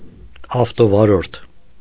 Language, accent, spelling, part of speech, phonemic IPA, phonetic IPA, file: Armenian, Eastern Armenian, ավտովարորդ, noun, /ɑftovɑˈɾoɾtʰ/, [ɑftovɑɾóɾtʰ], Hy-ավտովարորդ.ogg
- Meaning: car driver